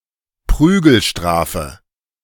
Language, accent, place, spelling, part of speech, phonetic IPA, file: German, Germany, Berlin, Prügelstrafe, noun, [ˈpʁyːɡl̩ˌʃtʁaːfə], De-Prügelstrafe.ogg
- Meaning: A corporal punishment